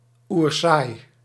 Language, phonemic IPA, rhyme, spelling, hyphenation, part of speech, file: Dutch, /urˈsaːi̯/, -aːi̯, oersaai, oer‧saai, adjective, Nl-oersaai.ogg
- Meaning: incredibly boring, extremely dull